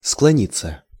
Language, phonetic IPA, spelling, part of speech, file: Russian, [ˈskɫonʲɪt͡sə], склонится, verb, Ru-склонится.ogg
- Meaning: third-person singular future indicative perfective of склони́ться (sklonítʹsja)